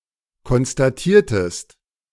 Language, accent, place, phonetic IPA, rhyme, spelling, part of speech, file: German, Germany, Berlin, [kɔnstaˈtiːɐ̯təst], -iːɐ̯təst, konstatiertest, verb, De-konstatiertest.ogg
- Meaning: inflection of konstatieren: 1. second-person singular preterite 2. second-person singular subjunctive II